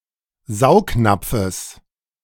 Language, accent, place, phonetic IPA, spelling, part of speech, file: German, Germany, Berlin, [ˈzaʊ̯kˌnap͡fəs], Saugnapfes, noun, De-Saugnapfes.ogg
- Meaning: genitive singular of Saugnapf